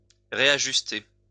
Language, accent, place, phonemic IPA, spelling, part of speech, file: French, France, Lyon, /ʁe.a.ʒys.te/, réajuster, verb, LL-Q150 (fra)-réajuster.wav
- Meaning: to adjust, readjust